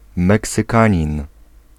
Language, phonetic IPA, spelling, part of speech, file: Polish, [ˌmɛksɨˈkãɲĩn], meksykanin, noun, Pl-meksykanin.ogg